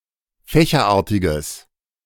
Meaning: strong/mixed nominative/accusative neuter singular of fächerartig
- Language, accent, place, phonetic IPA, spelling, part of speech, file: German, Germany, Berlin, [ˈfɛːçɐˌʔaːɐ̯tɪɡəs], fächerartiges, adjective, De-fächerartiges.ogg